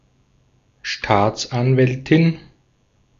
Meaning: a female prosecutor
- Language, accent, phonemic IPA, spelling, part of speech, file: German, Austria, /ˈʃtaːtsʔanvɛltɪn/, Staatsanwältin, noun, De-at-Staatsanwältin.ogg